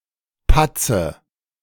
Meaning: inflection of patzen: 1. first-person singular present 2. first/third-person singular subjunctive I 3. singular imperative
- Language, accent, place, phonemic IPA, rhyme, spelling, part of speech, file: German, Germany, Berlin, /ˈpatsə/, -atsə, patze, verb, De-patze.ogg